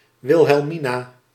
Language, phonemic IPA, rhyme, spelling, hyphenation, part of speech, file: Dutch, /ˌʋɪl.ɦɛlˈmi.naː/, -inaː, Wilhelmina, Wil‧hel‧mi‧na, proper noun, Nl-Wilhelmina.ogg
- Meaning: a female given name, masculine equivalent Willem